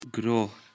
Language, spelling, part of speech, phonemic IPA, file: Pashto, ګروه, noun, /ɡroh/, ګروه.ogg
- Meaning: 1. group 2. faith 3. belief